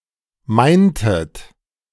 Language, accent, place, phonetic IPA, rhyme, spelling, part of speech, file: German, Germany, Berlin, [ˈmaɪ̯ntət], -aɪ̯ntət, meintet, verb, De-meintet.ogg
- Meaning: inflection of meinen: 1. second-person plural preterite 2. second-person plural subjunctive II